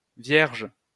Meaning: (proper noun) 1. the stellar constellation Virgo 2. the zodiac sign Virgo; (noun) Virgo (person with this star sign)
- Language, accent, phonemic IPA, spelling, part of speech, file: French, France, /vjɛʁʒ/, Vierge, proper noun / noun, LL-Q150 (fra)-Vierge.wav